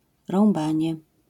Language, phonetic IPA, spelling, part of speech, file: Polish, [rɔ̃mˈbãɲɛ], rąbanie, noun, LL-Q809 (pol)-rąbanie.wav